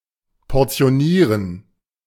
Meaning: to portion
- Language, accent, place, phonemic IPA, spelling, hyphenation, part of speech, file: German, Germany, Berlin, /pɔʁt͡si̯oˈniːʁən/, portionieren, por‧ti‧o‧nie‧ren, verb, De-portionieren.ogg